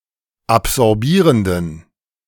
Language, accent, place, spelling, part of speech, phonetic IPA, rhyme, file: German, Germany, Berlin, absorbierenden, adjective, [apzɔʁˈbiːʁəndn̩], -iːʁəndn̩, De-absorbierenden.ogg
- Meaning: inflection of absorbierend: 1. strong genitive masculine/neuter singular 2. weak/mixed genitive/dative all-gender singular 3. strong/weak/mixed accusative masculine singular 4. strong dative plural